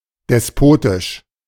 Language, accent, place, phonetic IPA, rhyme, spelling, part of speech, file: German, Germany, Berlin, [dɛsˈpoːtɪʃ], -oːtɪʃ, despotisch, adjective, De-despotisch.ogg
- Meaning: despotic